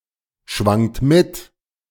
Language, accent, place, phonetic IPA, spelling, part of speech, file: German, Germany, Berlin, [ˌʃvaŋt ˈmɪt], schwangt mit, verb, De-schwangt mit.ogg
- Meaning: second-person plural preterite of mitschwingen